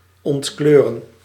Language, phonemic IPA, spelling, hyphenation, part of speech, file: Dutch, /ˌɔntˈkløː.rə(n)/, ontkleuren, ont‧kleu‧ren, verb, Nl-ontkleuren.ogg
- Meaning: 1. to decolorize, to remove color 2. to lose color